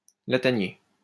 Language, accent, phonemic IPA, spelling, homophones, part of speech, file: French, France, /la.ta.nje/, latanier, lataniers, noun, LL-Q150 (fra)-latanier.wav
- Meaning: palmetto, swamp palm